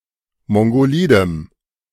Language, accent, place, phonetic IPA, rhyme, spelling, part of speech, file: German, Germany, Berlin, [ˌmɔŋɡoˈliːdəm], -iːdəm, mongolidem, adjective, De-mongolidem.ogg
- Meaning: strong dative masculine/neuter singular of mongolid